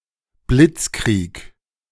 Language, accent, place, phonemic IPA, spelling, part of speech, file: German, Germany, Berlin, /ˈblɪtskʁiːk/, Blitzkrieg, noun, De-Blitzkrieg.ogg
- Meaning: blitzkrieg